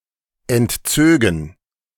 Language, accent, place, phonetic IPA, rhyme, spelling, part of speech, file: German, Germany, Berlin, [ɛntˈt͡søːɡn̩], -øːɡn̩, entzögen, verb, De-entzögen.ogg
- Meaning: first/third-person plural subjunctive II of entziehen